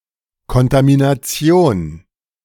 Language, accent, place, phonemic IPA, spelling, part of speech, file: German, Germany, Berlin, /kɔntaminaˈt͡si̯oːn/, Kontamination, noun, De-Kontamination.ogg
- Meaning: 1. contamination 2. blend